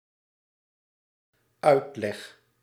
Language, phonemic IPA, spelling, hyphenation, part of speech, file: Dutch, /ˈœy̯t.lɛx/, uitleg, uit‧leg, noun / verb, Nl-uitleg.ogg
- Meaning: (noun) 1. explanation 2. expansion, esp. the expansion of a city outside its previous walls; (verb) first-person singular dependent-clause present indicative of uitleggen